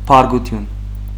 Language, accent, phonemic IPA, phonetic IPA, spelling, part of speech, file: Armenian, Western Armenian, /pɑɾɡuˈtʏn/, [pʰɑɾɡutʰʏ́n], բարկություն, noun, HyW-բարկություն.ogg
- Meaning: anger, wrath